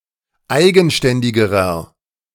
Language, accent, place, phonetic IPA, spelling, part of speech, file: German, Germany, Berlin, [ˈaɪ̯ɡn̩ˌʃtɛndɪɡəʁɐ], eigenständigerer, adjective, De-eigenständigerer.ogg
- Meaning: inflection of eigenständig: 1. strong/mixed nominative masculine singular comparative degree 2. strong genitive/dative feminine singular comparative degree 3. strong genitive plural comparative degree